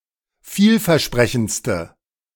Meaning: inflection of vielversprechend: 1. strong/mixed nominative/accusative feminine singular superlative degree 2. strong nominative/accusative plural superlative degree
- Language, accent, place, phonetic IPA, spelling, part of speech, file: German, Germany, Berlin, [ˈfiːlfɛɐ̯ˌʃpʁɛçn̩t͡stə], vielversprechendste, adjective, De-vielversprechendste.ogg